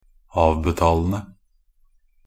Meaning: present participle of avbetale
- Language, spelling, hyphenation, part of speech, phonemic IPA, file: Norwegian Bokmål, avbetalende, av‧be‧tal‧en‧de, verb, /ˈɑːʋbɛtɑːlən(d)ə/, Nb-avbetalende.ogg